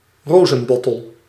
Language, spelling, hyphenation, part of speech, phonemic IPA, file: Dutch, rozenbottel, ro‧zen‧bot‧tel, noun, /ˈroː.zə(n)ˌbɔ.təl/, Nl-rozenbottel.ogg
- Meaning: rosehip, hip